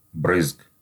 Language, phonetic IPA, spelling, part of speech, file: Russian, [brɨsk], брызг, noun, Ru-брызг.ogg
- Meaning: genitive of бры́зги (brýzgi)